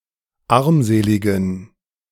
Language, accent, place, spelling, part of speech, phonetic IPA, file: German, Germany, Berlin, armseligen, adjective, [ˈaʁmˌzeːlɪɡn̩], De-armseligen.ogg
- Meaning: inflection of armselig: 1. strong genitive masculine/neuter singular 2. weak/mixed genitive/dative all-gender singular 3. strong/weak/mixed accusative masculine singular 4. strong dative plural